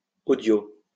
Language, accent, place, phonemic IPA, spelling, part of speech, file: French, France, Lyon, /o.djo/, audio, adjective, LL-Q150 (fra)-audio.wav
- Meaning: audio